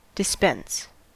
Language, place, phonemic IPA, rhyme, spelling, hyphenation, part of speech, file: English, California, /dɪˈspɛns/, -ɛns, dispense, dis‧pense, verb / noun, En-us-dispense.ogg
- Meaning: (verb) 1. To issue, distribute, or give out 2. To apply, as laws to particular cases; to administer; to execute; to manage; to direct 3. To supply or make up a medicine or prescription